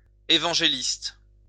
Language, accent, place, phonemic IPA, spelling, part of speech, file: French, France, Lyon, /e.vɑ̃.ʒe.list/, évangéliste, noun, LL-Q150 (fra)-évangéliste.wav
- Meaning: evangelist (all meanings)